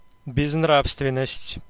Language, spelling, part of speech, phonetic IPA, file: Russian, безнравственность, noun, [bʲɪznˈrafstvʲɪn(ː)əsʲtʲ], Ru-безнравственность.ogg
- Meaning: 1. immorality 2. dissoluteness